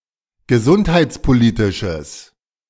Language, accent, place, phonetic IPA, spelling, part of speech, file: German, Germany, Berlin, [ɡəˈzʊnthaɪ̯t͡spoˌliːtɪʃəs], gesundheitspolitisches, adjective, De-gesundheitspolitisches.ogg
- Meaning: strong/mixed nominative/accusative neuter singular of gesundheitspolitisch